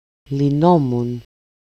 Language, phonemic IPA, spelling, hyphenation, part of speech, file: Greek, /liˈnomun/, λυνόμουν, λυ‧νό‧μουν, verb, El-λυνόμουν.ogg
- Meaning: first-person singular imperfect passive indicative of λύνω (lýno)